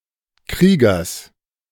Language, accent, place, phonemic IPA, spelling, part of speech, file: German, Germany, Berlin, /ˈkʁiːɡɐs/, Kriegers, noun, De-Kriegers.ogg
- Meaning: genitive singular of Krieger